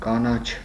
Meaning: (adjective) 1. green 2. verdant; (noun) 1. green (color) 2. verdure
- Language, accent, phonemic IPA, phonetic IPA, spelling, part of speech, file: Armenian, Eastern Armenian, /kɑˈnɑt͡ʃʰ/, [kɑnɑ́t͡ʃʰ], կանաչ, adjective / noun, Hy-կանաչ.ogg